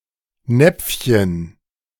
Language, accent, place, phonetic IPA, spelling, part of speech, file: German, Germany, Berlin, [ˈnɛp͡fçən], Näpfchen, noun, De-Näpfchen.ogg
- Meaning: diminutive of Napf